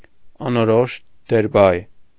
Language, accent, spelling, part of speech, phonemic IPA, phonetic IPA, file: Armenian, Eastern Armenian, անորոշ դերբայ, noun, /ɑnoˈɾoʃ deɾˈbɑj/, [ɑnoɾóʃ deɾbɑ́j], Hy-անորոշ դերբայ.ogg
- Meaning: the infinitive